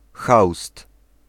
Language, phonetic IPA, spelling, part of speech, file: Polish, [xawst], haust, noun, Pl-haust.ogg